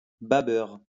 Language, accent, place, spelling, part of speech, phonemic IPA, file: French, France, Lyon, babeurre, noun, /ba.bœʁ/, LL-Q150 (fra)-babeurre.wav
- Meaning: buttermilk